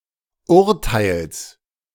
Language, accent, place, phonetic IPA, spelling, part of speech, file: German, Germany, Berlin, [ˈʊʁtaɪ̯ls], Urteils, noun, De-Urteils.ogg
- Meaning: genitive singular of Urteil